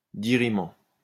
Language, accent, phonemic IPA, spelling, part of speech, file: French, France, /di.ʁi.mɑ̃/, dirimant, verb / adjective, LL-Q150 (fra)-dirimant.wav
- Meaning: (verb) present participle of dirimer; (adjective) diriment, nullifying, precluding, prohibitive